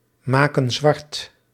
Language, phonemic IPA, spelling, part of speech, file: Dutch, /ˈmakə(n) ˈzwɑrt/, maken zwart, verb, Nl-maken zwart.ogg
- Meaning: inflection of zwartmaken: 1. plural present indicative 2. plural present subjunctive